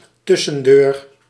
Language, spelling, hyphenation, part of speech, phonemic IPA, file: Dutch, tussendeur, tus‧sen‧deur, noun, /ˈtʏ.sə(n)ˌdøːr/, Nl-tussendeur.ogg
- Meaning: a dividing door between two rooms, a connecting door